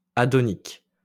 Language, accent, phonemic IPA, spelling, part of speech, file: French, France, /a.dɔ.nik/, adonique, adjective, LL-Q150 (fra)-adonique.wav
- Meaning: Adonic